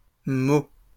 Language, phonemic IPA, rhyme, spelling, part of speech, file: French, /mo/, -o, mots, noun, LL-Q150 (fra)-mots.wav
- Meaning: plural of mot